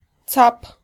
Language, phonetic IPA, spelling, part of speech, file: Polish, [t͡sap], cap, noun, Pl-cap.ogg